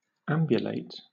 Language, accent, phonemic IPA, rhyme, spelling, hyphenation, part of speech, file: English, Southern England, /ˈæm.bjʊ.leɪt/, -æmbjʊleɪt, ambulate, am‧bu‧late, verb, LL-Q1860 (eng)-ambulate.wav
- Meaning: To walk; to relocate oneself under the power of one's own legs